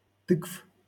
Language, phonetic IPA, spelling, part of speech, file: Russian, [tɨkf], тыкв, noun, LL-Q7737 (rus)-тыкв.wav
- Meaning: genitive plural of ты́ква (týkva)